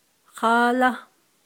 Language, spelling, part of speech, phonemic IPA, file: Navajo, háálá, adverb / conjunction, /hɑ́ːlɑ́/, Nv-háálá.ogg
- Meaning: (adverb) therefore, so, for, the fact is; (conjunction) because, for, inasmuch as